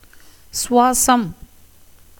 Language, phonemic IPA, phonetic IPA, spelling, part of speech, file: Tamil, /tʃʊʋɑːtʃɐm/, [sʊʋäːsɐm], சுவாசம், noun, Ta-சுவாசம்.ogg
- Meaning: breath, respiration